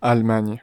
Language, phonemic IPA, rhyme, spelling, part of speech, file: French, /al.maɲ/, -aɲ, Allemagne, proper noun, Fr-Allemagne.ogg
- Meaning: Germany (a country in Central Europe)